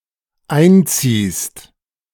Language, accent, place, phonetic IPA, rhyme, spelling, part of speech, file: German, Germany, Berlin, [ˈaɪ̯nˌt͡siːst], -aɪ̯nt͡siːst, einziehst, verb, De-einziehst.ogg
- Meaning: second-person singular dependent present of einziehen